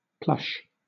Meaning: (adjective) 1. Very extravagant 2. Very expensive, or appearing expensive; opulent, luxurious 3. Having a soft, fluffy exterior (of a man-made object, especially stuffed animals or upholstery)
- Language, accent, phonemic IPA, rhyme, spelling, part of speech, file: English, Southern England, /plʌʃ/, -ʌʃ, plush, adjective / noun / verb, LL-Q1860 (eng)-plush.wav